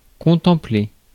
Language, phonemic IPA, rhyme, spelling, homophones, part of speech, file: French, /kɔ̃.tɑ̃.ple/, -e, contempler, contemplai / contemplé / contemplée / contemplées / contemplés / contemplez, verb, Fr-contempler.ogg
- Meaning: 1. to contemplate 2. to look at (with one's eyes)